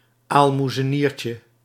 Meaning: diminutive of aalmoezenier
- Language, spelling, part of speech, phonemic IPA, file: Dutch, aalmoezeniertje, noun, /almuzəˈnircə/, Nl-aalmoezeniertje.ogg